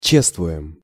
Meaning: first-person plural present indicative imperfective of че́ствовать (čéstvovatʹ)
- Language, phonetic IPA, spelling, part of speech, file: Russian, [ˈt͡ɕestvʊ(j)ɪm], чествуем, verb, Ru-чествуем.ogg